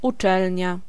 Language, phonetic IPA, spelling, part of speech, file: Polish, [uˈt͡ʃɛlʲɲa], uczelnia, noun, Pl-uczelnia.ogg